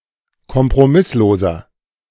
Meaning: 1. comparative degree of kompromisslos 2. inflection of kompromisslos: strong/mixed nominative masculine singular 3. inflection of kompromisslos: strong genitive/dative feminine singular
- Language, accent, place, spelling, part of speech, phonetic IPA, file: German, Germany, Berlin, kompromissloser, adjective, [kɔmpʁoˈmɪsloːzɐ], De-kompromissloser.ogg